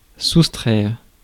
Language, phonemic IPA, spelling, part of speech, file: French, /sus.tʁɛʁ/, soustraire, verb, Fr-soustraire.ogg
- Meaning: 1. to subtract (to remove or reduce) 2. to subtract 3. to avoid, to escape (from) 4. to preserve, protect from; free from